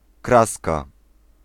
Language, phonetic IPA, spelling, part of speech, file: Polish, [ˈkraska], kraska, noun, Pl-kraska.ogg